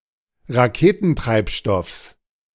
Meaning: genitive singular of Raketentreibstoff
- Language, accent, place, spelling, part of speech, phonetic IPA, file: German, Germany, Berlin, Raketentreibstoffs, noun, [ʁaˈkeːtn̩ˌtʁaɪ̯pʃtɔfs], De-Raketentreibstoffs.ogg